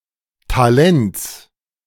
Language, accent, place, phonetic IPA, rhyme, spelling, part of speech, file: German, Germany, Berlin, [taˈlɛnt͡s], -ɛnt͡s, Talents, noun, De-Talents.ogg
- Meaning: genitive singular of Talent